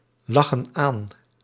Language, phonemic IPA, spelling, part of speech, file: Dutch, /ˈlɑxə(n) ˈan/, lachen aan, verb, Nl-lachen aan.ogg
- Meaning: inflection of aanlachen: 1. plural present indicative 2. plural present subjunctive